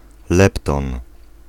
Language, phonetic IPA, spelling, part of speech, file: Polish, [ˈlɛptɔ̃n], lepton, noun, Pl-lepton.ogg